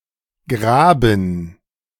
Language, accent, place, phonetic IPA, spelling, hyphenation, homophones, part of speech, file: German, Germany, Berlin, [ˈɡʁaːbm̩], graben, gra‧ben, Graben, verb, De-graben.ogg
- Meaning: 1. to dig 2. to burrow